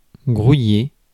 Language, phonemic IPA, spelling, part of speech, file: French, /ɡʁu.je/, grouiller, verb, Fr-grouiller.ogg
- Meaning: 1. to mill about, swarm with people 2. to swarm or crawl 3. to hurry; to get a move on